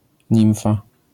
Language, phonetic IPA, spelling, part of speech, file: Polish, [ˈɲĩw̃fa], nimfa, noun, LL-Q809 (pol)-nimfa.wav